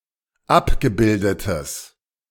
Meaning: strong/mixed nominative/accusative neuter singular of abgebildet
- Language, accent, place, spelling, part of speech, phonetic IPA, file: German, Germany, Berlin, abgebildetes, adjective, [ˈapɡəˌbɪldətəs], De-abgebildetes.ogg